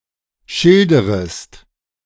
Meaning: second-person singular subjunctive I of schildern
- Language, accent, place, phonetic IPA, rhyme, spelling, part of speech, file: German, Germany, Berlin, [ˈʃɪldəʁəst], -ɪldəʁəst, schilderest, verb, De-schilderest.ogg